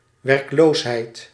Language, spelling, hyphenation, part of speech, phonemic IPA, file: Dutch, werkloosheid, werk‧loos‧heid, noun, /ˌʋɛrkˈloːs.ɦɛi̯t/, Nl-werkloosheid.ogg
- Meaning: 1. shortage of work 2. unemployment